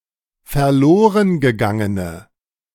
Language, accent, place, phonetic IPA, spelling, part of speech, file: German, Germany, Berlin, [fɛɐ̯ˈloːʁənɡəˌɡaŋənə], verlorengegangene, adjective, De-verlorengegangene.ogg
- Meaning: inflection of verlorengegangen: 1. strong/mixed nominative/accusative feminine singular 2. strong nominative/accusative plural 3. weak nominative all-gender singular